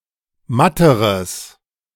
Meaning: strong/mixed nominative/accusative neuter singular comparative degree of matt
- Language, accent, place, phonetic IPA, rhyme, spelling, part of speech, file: German, Germany, Berlin, [ˈmatəʁəs], -atəʁəs, matteres, adjective, De-matteres.ogg